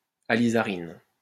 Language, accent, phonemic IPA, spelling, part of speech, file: French, France, /a.li.za.ʁin/, alizarine, noun, LL-Q150 (fra)-alizarine.wav
- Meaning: alizarin